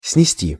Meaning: 1. to carry down 2. to carry to 3. to pull down, to demolish 4. to blow off, to blow away (of the wind) 5. to carry away (of water) 6. to tolerate, to endure 7. to cut off 8. to discard (a card)
- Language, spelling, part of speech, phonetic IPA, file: Russian, снести, verb, [snʲɪˈsʲtʲi], Ru-снести.ogg